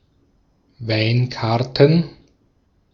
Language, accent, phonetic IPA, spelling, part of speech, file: German, Austria, [ˈvaɪ̯nˌkaʁtn̩], Weinkarten, noun, De-at-Weinkarten.ogg
- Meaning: plural of Weinkarte